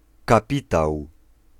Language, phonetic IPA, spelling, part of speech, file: Polish, [kaˈpʲitaw], kapitał, noun, Pl-kapitał.ogg